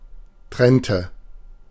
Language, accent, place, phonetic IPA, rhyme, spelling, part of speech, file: German, Germany, Berlin, [ˈtʁɛntə], -ɛntə, trennte, verb, De-trennte.ogg
- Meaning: inflection of trennen: 1. first/third-person singular preterite 2. first/third-person singular subjunctive II